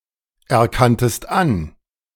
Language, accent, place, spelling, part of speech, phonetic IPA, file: German, Germany, Berlin, erkanntest an, verb, [ɛɐ̯ˌkantəst ˈan], De-erkanntest an.ogg
- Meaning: second-person singular preterite of anerkennen